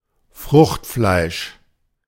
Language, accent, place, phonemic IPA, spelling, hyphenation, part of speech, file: German, Germany, Berlin, /ˈfʁʊxtˌflaɪ̯ʃ/, Fruchtfleisch, Frucht‧fleisch, noun, De-Fruchtfleisch.ogg
- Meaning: pulp, flesh (edible part of a fruit; residues of solid matter in juice)